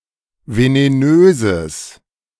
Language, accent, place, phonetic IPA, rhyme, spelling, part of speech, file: German, Germany, Berlin, [veneˈnøːzəs], -øːzəs, venenöses, adjective, De-venenöses.ogg
- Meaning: strong/mixed nominative/accusative neuter singular of venenös